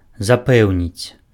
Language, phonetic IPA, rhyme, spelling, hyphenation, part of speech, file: Belarusian, [zaˈpɛu̯nʲit͡sʲ], -ɛu̯nʲit͡sʲ, запэўніць, за‧пэў‧ніць, verb, Be-запэўніць.ogg
- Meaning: to assure, vouch for (to convince of the correctness of something)